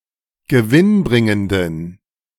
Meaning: inflection of gewinnbringend: 1. strong genitive masculine/neuter singular 2. weak/mixed genitive/dative all-gender singular 3. strong/weak/mixed accusative masculine singular 4. strong dative plural
- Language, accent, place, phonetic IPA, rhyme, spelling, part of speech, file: German, Germany, Berlin, [ɡəˈvɪnˌbʁɪŋəndn̩], -ɪnbʁɪŋəndn̩, gewinnbringenden, adjective, De-gewinnbringenden.ogg